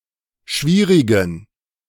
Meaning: inflection of schwierig: 1. strong genitive masculine/neuter singular 2. weak/mixed genitive/dative all-gender singular 3. strong/weak/mixed accusative masculine singular 4. strong dative plural
- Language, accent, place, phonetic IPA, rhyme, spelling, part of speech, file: German, Germany, Berlin, [ˈʃviːʁɪɡn̩], -iːʁɪɡn̩, schwierigen, adjective, De-schwierigen.ogg